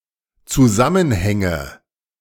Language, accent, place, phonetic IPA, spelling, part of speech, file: German, Germany, Berlin, [t͡suˈzamənhɛŋə], Zusammenhänge, noun, De-Zusammenhänge.ogg
- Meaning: nominative/accusative/genitive plural of Zusammenhang